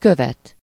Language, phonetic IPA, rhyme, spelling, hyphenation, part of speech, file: Hungarian, [ˈkøvɛt], -ɛt, követ, kö‧vet, verb / noun, Hu-követ.ogg
- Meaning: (verb) 1. to follow (to go or come after in physical space) 2. to follow (to subscribe to see content from an account on a social media platform) 3. to claim, demand